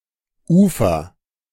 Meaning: 1. shore, shoreline 2. bank
- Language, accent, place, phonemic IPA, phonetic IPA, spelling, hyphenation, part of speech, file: German, Germany, Berlin, /ˈuːfəʁ/, [ˈʔuː.fɐ], Ufer, Ufer, noun, De-Ufer.ogg